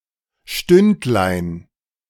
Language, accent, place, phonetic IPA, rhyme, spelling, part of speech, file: German, Germany, Berlin, [ˈʃtʏntlaɪ̯n], -ʏntlaɪ̯n, Stündlein, noun, De-Stündlein.ogg
- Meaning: diminutive of Stunde